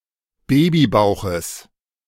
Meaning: genitive singular of Babybauch
- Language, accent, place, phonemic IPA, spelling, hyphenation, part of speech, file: German, Germany, Berlin, /ˈbeːbiˌbaʊ̯xəs/, Babybauches, Ba‧by‧bau‧ches, noun, De-Babybauches.ogg